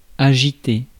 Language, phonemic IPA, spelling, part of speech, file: French, /a.ʒi.te/, agité, verb, Fr-agité.ogg
- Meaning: past participle of agiter